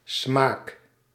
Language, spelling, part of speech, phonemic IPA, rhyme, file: Dutch, smaak, noun / verb, /smaːk/, -aːk, Nl-smaak.ogg
- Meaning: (noun) 1. taste, sense of taste 2. taste, decorum; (verb) inflection of smaken: 1. first-person singular present indicative 2. second-person singular present indicative 3. imperative